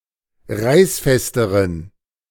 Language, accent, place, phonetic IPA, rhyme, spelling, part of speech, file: German, Germany, Berlin, [ˈʁaɪ̯sˌfɛstəʁən], -aɪ̯sfɛstəʁən, reißfesteren, adjective, De-reißfesteren.ogg
- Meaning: inflection of reißfest: 1. strong genitive masculine/neuter singular comparative degree 2. weak/mixed genitive/dative all-gender singular comparative degree